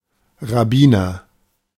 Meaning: rabbi (Jewish religious scholar; male or unspecified gender)
- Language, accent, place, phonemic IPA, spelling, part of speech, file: German, Germany, Berlin, /ʁaˈbiːnɐ/, Rabbiner, noun, De-Rabbiner.ogg